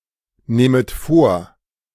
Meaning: second-person plural subjunctive II of vornehmen
- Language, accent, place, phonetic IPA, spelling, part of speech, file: German, Germany, Berlin, [ˌnɛːmət ˈfoːɐ̯], nähmet vor, verb, De-nähmet vor.ogg